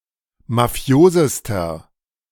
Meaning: inflection of mafios: 1. strong/mixed nominative masculine singular superlative degree 2. strong genitive/dative feminine singular superlative degree 3. strong genitive plural superlative degree
- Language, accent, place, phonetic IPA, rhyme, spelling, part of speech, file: German, Germany, Berlin, [maˈfi̯oːzəstɐ], -oːzəstɐ, mafiosester, adjective, De-mafiosester.ogg